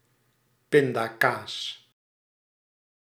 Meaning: peanut butter (a spread made from ground peanuts)
- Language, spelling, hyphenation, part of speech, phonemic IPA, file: Dutch, pindakaas, pin‧da‧kaas, noun, /ˈpɪndaːˌkaːs/, Nl-pindakaas.ogg